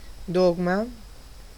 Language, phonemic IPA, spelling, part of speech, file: Italian, /ˈdɔɡma/, dogma, noun, It-dogma.ogg